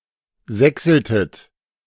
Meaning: inflection of sächseln: 1. second-person plural preterite 2. second-person plural subjunctive II
- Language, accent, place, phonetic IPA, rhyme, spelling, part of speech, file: German, Germany, Berlin, [ˈzɛksl̩tət], -ɛksl̩tət, sächseltet, verb, De-sächseltet.ogg